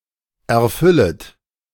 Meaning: second-person plural subjunctive I of erfüllen
- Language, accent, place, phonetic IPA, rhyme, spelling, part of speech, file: German, Germany, Berlin, [ɛɐ̯ˈfʏlət], -ʏlət, erfüllet, verb, De-erfüllet.ogg